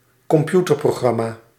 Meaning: computer program
- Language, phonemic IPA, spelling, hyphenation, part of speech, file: Dutch, /kɔmˈpju.tər.proːˌɣrɑ.maː/, computerprogramma, com‧pu‧ter‧pro‧gram‧ma, noun, Nl-computerprogramma.ogg